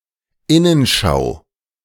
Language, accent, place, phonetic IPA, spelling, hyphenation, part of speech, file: German, Germany, Berlin, [ˈɪnənʃaʊ̯], Innenschau, In‧nen‧schau, noun, De-Innenschau.ogg
- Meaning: introspection